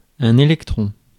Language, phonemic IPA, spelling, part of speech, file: French, /e.lɛk.tʁɔ̃/, électron, noun, Fr-électron.ogg
- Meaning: electron (the negatively charged subatomic particles that orbit atoms)